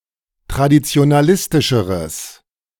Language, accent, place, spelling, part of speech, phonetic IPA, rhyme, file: German, Germany, Berlin, traditionalistischeres, adjective, [tʁadit͡si̯onaˈlɪstɪʃəʁəs], -ɪstɪʃəʁəs, De-traditionalistischeres.ogg
- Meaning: strong/mixed nominative/accusative neuter singular comparative degree of traditionalistisch